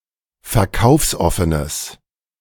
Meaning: strong/mixed nominative/accusative neuter singular of verkaufsoffen
- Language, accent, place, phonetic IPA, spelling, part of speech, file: German, Germany, Berlin, [fɛɐ̯ˈkaʊ̯fsˌʔɔfənəs], verkaufsoffenes, adjective, De-verkaufsoffenes.ogg